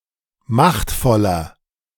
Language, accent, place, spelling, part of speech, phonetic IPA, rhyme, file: German, Germany, Berlin, machtvoller, adjective, [ˈmaxtfɔlɐ], -axtfɔlɐ, De-machtvoller.ogg
- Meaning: 1. comparative degree of machtvoll 2. inflection of machtvoll: strong/mixed nominative masculine singular 3. inflection of machtvoll: strong genitive/dative feminine singular